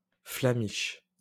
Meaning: flamiche
- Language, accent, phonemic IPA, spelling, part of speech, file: French, France, /fla.miʃ/, flamiche, noun, LL-Q150 (fra)-flamiche.wav